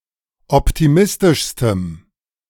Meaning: strong dative masculine/neuter singular superlative degree of optimistisch
- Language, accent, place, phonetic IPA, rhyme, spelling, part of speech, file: German, Germany, Berlin, [ˌɔptiˈmɪstɪʃstəm], -ɪstɪʃstəm, optimistischstem, adjective, De-optimistischstem.ogg